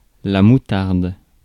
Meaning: mustard
- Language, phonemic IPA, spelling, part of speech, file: French, /mu.taʁd/, moutarde, noun, Fr-moutarde.ogg